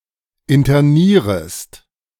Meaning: second-person singular subjunctive I of internieren
- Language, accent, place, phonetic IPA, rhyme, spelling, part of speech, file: German, Germany, Berlin, [ɪntɐˈniːʁəst], -iːʁəst, internierest, verb, De-internierest.ogg